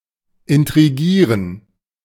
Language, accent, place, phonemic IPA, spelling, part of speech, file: German, Germany, Berlin, /ɪntʁiˈɡiːʁən/, intrigieren, verb, De-intrigieren.ogg
- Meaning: to intrigue, to plot